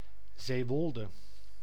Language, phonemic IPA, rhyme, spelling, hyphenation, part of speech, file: Dutch, /zeːˈʋɔl.də/, -ɔldə, Zeewolde, Zee‧wol‧de, proper noun, Nl-Zeewolde.ogg
- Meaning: Zeewolde (a village and municipality of Flevoland, Netherlands)